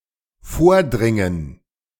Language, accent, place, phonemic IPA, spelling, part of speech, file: German, Germany, Berlin, /ˈfoːɐ̯ˌdʁɪŋən/, vordringen, verb, De-vordringen.ogg
- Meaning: 1. to advance 2. to penetrate (make inroads)